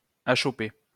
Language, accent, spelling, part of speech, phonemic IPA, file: French, France, achopper, verb, /a.ʃɔ.pe/, LL-Q150 (fra)-achopper.wav
- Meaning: 1. to stumble (on a stone) 2. to hit a snag, find oneself up against something, to make a mistake, fail 3. to hit a snag, to make a mistake